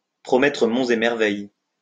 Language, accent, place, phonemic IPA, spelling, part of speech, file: French, France, Lyon, /pʁɔ.mɛ.tʁə mɔ̃.z‿e mɛʁ.vɛj/, promettre monts et merveilles, verb, LL-Q150 (fra)-promettre monts et merveilles.wav
- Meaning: to promise the moon, to promise the earth, to promise the stars (to make promises that are impossible to uphold)